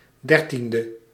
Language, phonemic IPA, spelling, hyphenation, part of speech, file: Dutch, /ˈdɛrˌtin.də/, dertiende, der‧tien‧de, adjective, Nl-dertiende.ogg
- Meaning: thirteenth